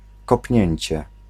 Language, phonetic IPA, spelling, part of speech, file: Polish, [kɔpʲˈɲɛ̇̃ɲt͡ɕɛ], kopnięcie, noun, Pl-kopnięcie.ogg